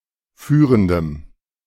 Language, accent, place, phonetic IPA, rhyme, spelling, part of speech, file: German, Germany, Berlin, [ˈfyːʁəndəm], -yːʁəndəm, führendem, adjective, De-führendem.ogg
- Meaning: strong dative masculine/neuter singular of führend